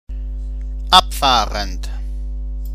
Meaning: present participle of abfahren
- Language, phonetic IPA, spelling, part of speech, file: German, [ˈapˌfaːʁənt], abfahrend, adjective / verb, De-abfahrend.ogg